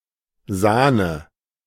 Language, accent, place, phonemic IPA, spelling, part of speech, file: German, Germany, Berlin, /ˈzaːnə/, Sahne, noun, De-Sahne.ogg
- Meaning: cream (milkfat)